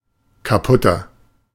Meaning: inflection of kaputt: 1. strong/mixed nominative masculine singular 2. strong genitive/dative feminine singular 3. strong genitive plural
- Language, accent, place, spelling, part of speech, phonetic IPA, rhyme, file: German, Germany, Berlin, kaputter, adjective, [kaˈpʊtɐ], -ʊtɐ, De-kaputter.ogg